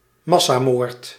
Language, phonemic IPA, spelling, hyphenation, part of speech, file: Dutch, /ˈmɑ.saːˌmoːrt/, massamoord, mas‧sa‧moord, noun, Nl-massamoord.ogg
- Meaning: mass murder